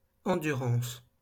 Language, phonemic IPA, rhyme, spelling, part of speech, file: French, /ɑ̃.dy.ʁɑ̃s/, -ɑ̃s, endurance, noun, LL-Q150 (fra)-endurance.wav
- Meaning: endurance, stamina